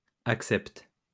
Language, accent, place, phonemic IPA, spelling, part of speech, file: French, France, Lyon, /ak.sɛpt/, accepte, verb, LL-Q150 (fra)-accepte.wav
- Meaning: inflection of accepter: 1. first/third-person singular present indicative/subjunctive 2. second-person singular imperative